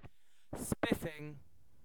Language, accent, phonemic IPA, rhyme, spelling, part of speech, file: English, UK, /ˈspɪfɪŋ/, -ɪfɪŋ, spiffing, adjective / verb, En-uk-spiffing.ogg
- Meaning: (adjective) 1. Very good, excellent 2. Smart or appealing in dress or appearance; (verb) present participle and gerund of spiff